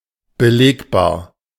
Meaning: evidential, documented
- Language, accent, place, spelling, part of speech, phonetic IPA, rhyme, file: German, Germany, Berlin, belegbar, adjective, [bəˈleːkbaːɐ̯], -eːkbaːɐ̯, De-belegbar.ogg